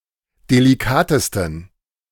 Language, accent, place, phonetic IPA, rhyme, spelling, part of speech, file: German, Germany, Berlin, [deliˈkaːtəstn̩], -aːtəstn̩, delikatesten, adjective, De-delikatesten.ogg
- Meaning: 1. superlative degree of delikat 2. inflection of delikat: strong genitive masculine/neuter singular superlative degree